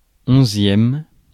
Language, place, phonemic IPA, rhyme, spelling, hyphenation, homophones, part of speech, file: French, Paris, /ɔ̃.zjɛm/, -ɛm, onzième, on‧zième, onzièmes, adjective / noun, Fr-onzième.ogg
- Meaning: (adjective) eleventh